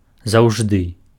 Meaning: always
- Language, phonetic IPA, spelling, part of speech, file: Belarusian, [zau̯ʐˈdɨ], заўжды, adverb, Be-заўжды.ogg